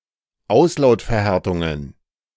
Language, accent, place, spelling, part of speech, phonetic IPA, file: German, Germany, Berlin, Auslautverhärtungen, noun, [ˈaʊ̯slaʊ̯tfɛɐ̯ˌhɛʁtʊŋən], De-Auslautverhärtungen.ogg
- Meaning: plural of Auslautverhärtung